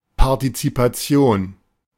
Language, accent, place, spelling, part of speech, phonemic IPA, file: German, Germany, Berlin, Partizipation, noun, /ˌpaʁtitsipaˈtsjoːn/, De-Partizipation.ogg
- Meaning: participation (act of participating)